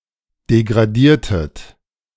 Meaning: inflection of degradieren: 1. second-person plural preterite 2. second-person plural subjunctive II
- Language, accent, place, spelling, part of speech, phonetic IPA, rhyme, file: German, Germany, Berlin, degradiertet, verb, [deɡʁaˈdiːɐ̯tət], -iːɐ̯tət, De-degradiertet.ogg